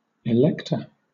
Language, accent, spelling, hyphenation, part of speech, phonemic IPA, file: English, Southern England, elector, elect‧or, noun, /ɪˈlɛktə/, LL-Q1860 (eng)-elector.wav
- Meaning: A person eligible to vote in an election; a member of an electorate, a voter